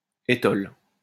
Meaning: 1. stole 2. a blasphemy used for emphasis or to indicate something is useless
- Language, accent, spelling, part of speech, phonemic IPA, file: French, France, étole, noun, /e.tɔl/, LL-Q150 (fra)-étole.wav